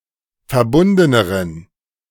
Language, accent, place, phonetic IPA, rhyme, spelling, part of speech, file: German, Germany, Berlin, [fɛɐ̯ˈbʊndənəʁən], -ʊndənəʁən, verbundeneren, adjective, De-verbundeneren.ogg
- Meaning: inflection of verbunden: 1. strong genitive masculine/neuter singular comparative degree 2. weak/mixed genitive/dative all-gender singular comparative degree